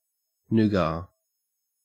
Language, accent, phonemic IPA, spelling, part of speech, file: English, Australia, /ˈnuːɡɑː/, nougat, noun, En-au-nougat.ogg
- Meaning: A mixture consisting of egg white and a sweetener, variously mixed with (in western Europe) almonds or (in eastern Europe) hazelnuts or (in US) used without nuts as a filler in candy bars